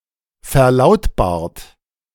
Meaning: 1. past participle of verlautbaren 2. inflection of verlautbaren: third-person singular present 3. inflection of verlautbaren: second-person plural present
- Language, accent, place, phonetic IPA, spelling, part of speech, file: German, Germany, Berlin, [fɛɐ̯ˈlaʊ̯tbaːɐ̯t], verlautbart, verb, De-verlautbart.ogg